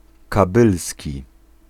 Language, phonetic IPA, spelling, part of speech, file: Polish, [kaˈbɨlsʲci], kabylski, adjective / noun, Pl-kabylski.ogg